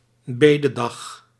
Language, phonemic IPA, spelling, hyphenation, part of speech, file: Dutch, /ˈbeː.dəˌdɑx/, bededag, be‧de‧dag, noun, Nl-bededag.ogg
- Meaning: day of prayer